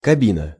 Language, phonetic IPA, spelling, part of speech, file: Russian, [kɐˈbʲinə], кабина, noun, Ru-кабина.ogg
- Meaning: 1. cabin, cubicle, booth 2. elevator car 3. cab (of a truck/lorry) 4. cockpit 5. face, head